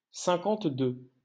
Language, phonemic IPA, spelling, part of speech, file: French, /sɛ̃.kɑ̃t.dø/, cinquante-deux, numeral, LL-Q150 (fra)-cinquante-deux.wav
- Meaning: fifty-two